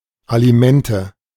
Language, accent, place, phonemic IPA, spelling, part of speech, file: German, Germany, Berlin, /aliˈmɛntə/, Alimente, noun, De-Alimente.ogg
- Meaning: alimony (allowance paid for someone's sustenance under court order)